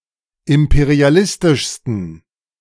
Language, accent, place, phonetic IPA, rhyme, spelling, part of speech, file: German, Germany, Berlin, [ˌɪmpeʁiaˈlɪstɪʃstn̩], -ɪstɪʃstn̩, imperialistischsten, adjective, De-imperialistischsten.ogg
- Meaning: 1. superlative degree of imperialistisch 2. inflection of imperialistisch: strong genitive masculine/neuter singular superlative degree